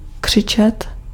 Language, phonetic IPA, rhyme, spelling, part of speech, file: Czech, [ˈkr̝̊ɪt͡ʃɛt], -ɪtʃɛt, křičet, verb, Cs-křičet.ogg
- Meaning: 1. to shout 2. to scream (to make the sound of a scream)